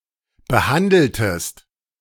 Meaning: inflection of behandeln: 1. second-person singular preterite 2. second-person singular subjunctive II
- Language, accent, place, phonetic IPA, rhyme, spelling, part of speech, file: German, Germany, Berlin, [bəˈhandl̩təst], -andl̩təst, behandeltest, verb, De-behandeltest.ogg